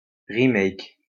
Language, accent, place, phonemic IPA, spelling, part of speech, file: French, France, Lyon, /ʁi.mɛk/, remake, noun, LL-Q150 (fra)-remake.wav
- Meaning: remake